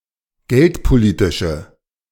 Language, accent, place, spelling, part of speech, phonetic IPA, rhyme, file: German, Germany, Berlin, geldpolitische, adjective, [ˈɡɛltpoˌliːtɪʃə], -ɛltpoliːtɪʃə, De-geldpolitische.ogg
- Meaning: inflection of geldpolitisch: 1. strong/mixed nominative/accusative feminine singular 2. strong nominative/accusative plural 3. weak nominative all-gender singular